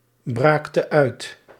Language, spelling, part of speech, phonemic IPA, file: Dutch, braakte uit, verb, /ˈbraktə ˈœyt/, Nl-braakte uit.ogg
- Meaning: inflection of uitbraken: 1. singular past indicative 2. singular past subjunctive